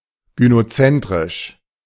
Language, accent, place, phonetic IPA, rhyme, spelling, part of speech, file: German, Germany, Berlin, [ɡynoˈt͡sɛntʁɪʃ], -ɛntʁɪʃ, gynozentrisch, adjective, De-gynozentrisch.ogg
- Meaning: gynocentric